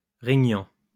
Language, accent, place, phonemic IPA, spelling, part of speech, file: French, France, Lyon, /ʁe.ɲɑ̃/, régnant, adjective / verb, LL-Q150 (fra)-régnant.wav
- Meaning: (adjective) ruling (that rules); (verb) present participle of régner